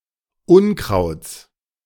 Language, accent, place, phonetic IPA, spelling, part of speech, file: German, Germany, Berlin, [ˈʊnˌkʁaʊ̯t͡s], Unkrauts, noun, De-Unkrauts.ogg
- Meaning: genitive singular of Unkraut